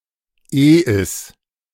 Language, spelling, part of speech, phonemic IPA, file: German, Eis, noun, /ʔeː.ɪs/, De-Eis2.ogg
- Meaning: E sharp